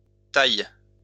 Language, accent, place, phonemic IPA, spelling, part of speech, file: French, France, Lyon, /taj/, thaïs, adjective, LL-Q150 (fra)-thaïs.wav
- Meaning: masculine plural of thaï